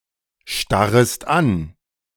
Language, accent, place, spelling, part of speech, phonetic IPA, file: German, Germany, Berlin, starrest an, verb, [ˌʃtaʁəst ˈan], De-starrest an.ogg
- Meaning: second-person singular subjunctive I of anstarren